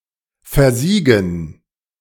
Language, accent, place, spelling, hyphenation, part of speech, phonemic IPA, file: German, Germany, Berlin, versiegen, ver‧sie‧gen, verb, /fɛɐ̯ˈziːɡn̩/, De-versiegen.ogg
- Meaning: to dry up